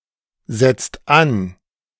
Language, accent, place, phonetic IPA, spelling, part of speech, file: German, Germany, Berlin, [ˌzɛt͡st ˈan], setzt an, verb, De-setzt an.ogg
- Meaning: inflection of ansetzen: 1. second-person singular/plural present 2. third-person singular present 3. plural imperative